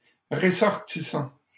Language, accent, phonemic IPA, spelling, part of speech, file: French, Canada, /ʁə.sɔʁ.ti.sɑ̃/, ressortissant, verb / noun, LL-Q150 (fra)-ressortissant.wav
- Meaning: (verb) present participle of ressortir; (noun) foreign national